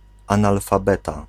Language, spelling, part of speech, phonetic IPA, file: Polish, analfabeta, noun, [ˌãnalfaˈbɛta], Pl-analfabeta.ogg